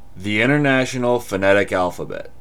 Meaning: A standardized set of symbols for representing the sounds of human speech
- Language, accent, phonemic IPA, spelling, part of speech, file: English, US, /ˌɪntɚˈnæʃ(ə)n(ə)l fəˈnɛɾɪk ˈælfəˌbɛt/, International Phonetic Alphabet, proper noun, En-us-InternationalPhoneticAlphabet.ogg